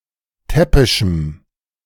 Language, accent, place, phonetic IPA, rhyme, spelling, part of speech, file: German, Germany, Berlin, [ˈtɛpɪʃm̩], -ɛpɪʃm̩, täppischem, adjective, De-täppischem.ogg
- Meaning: strong dative masculine/neuter singular of täppisch